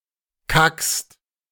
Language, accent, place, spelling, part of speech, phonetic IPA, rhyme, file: German, Germany, Berlin, kackst, verb, [kakst], -akst, De-kackst.ogg
- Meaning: second-person singular present of kacken